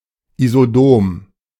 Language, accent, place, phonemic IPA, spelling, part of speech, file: German, Germany, Berlin, /izoˈdoːm/, isodom, adjective, De-isodom.ogg
- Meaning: isodomic